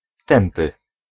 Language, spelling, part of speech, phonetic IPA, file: Polish, tępy, adjective, [ˈtɛ̃mpɨ], Pl-tępy.ogg